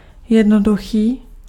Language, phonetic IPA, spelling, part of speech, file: Czech, [ˈjɛdnoduxiː], jednoduchý, adjective, Cs-jednoduchý.ogg
- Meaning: 1. simple (not compound) 2. simple (easy to understand or do)